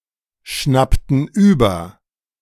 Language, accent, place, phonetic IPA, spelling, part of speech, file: German, Germany, Berlin, [ˌʃnaptn̩ ˈyːbɐ], schnappten über, verb, De-schnappten über.ogg
- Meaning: inflection of überschnappen: 1. first/third-person plural preterite 2. first/third-person plural subjunctive II